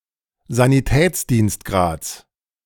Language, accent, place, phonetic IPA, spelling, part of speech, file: German, Germany, Berlin, [zaniˈtɛːt͡sdiːnstˌɡʁaːt͡s], Sanitätsdienstgrads, noun, De-Sanitätsdienstgrads.ogg
- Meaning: genitive singular of Sanitätsdienstgrad